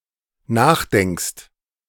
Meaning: second-person singular dependent present of nachdenken
- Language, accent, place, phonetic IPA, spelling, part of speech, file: German, Germany, Berlin, [ˈnaːxˌdɛŋkst], nachdenkst, verb, De-nachdenkst.ogg